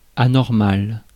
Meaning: abnormal
- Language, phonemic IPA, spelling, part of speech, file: French, /a.nɔʁ.mal/, anormal, adjective, Fr-anormal.ogg